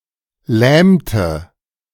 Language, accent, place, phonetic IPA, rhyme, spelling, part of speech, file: German, Germany, Berlin, [ˈlɛːmtə], -ɛːmtə, lähmte, verb, De-lähmte.ogg
- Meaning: inflection of lähmen: 1. first/third-person singular preterite 2. first/third-person singular subjunctive II